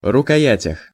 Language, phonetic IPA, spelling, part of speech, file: Russian, [rʊkɐˈjætʲəx], рукоятях, noun, Ru-рукоятях.ogg
- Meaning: prepositional plural of рукоя́ть (rukojátʹ)